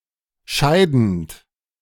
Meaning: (verb) present participle of scheiden; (adjective) retiring; resigning; about to be replaced
- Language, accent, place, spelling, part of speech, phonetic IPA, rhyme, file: German, Germany, Berlin, scheidend, verb, [ˈʃaɪ̯dn̩t], -aɪ̯dn̩t, De-scheidend.ogg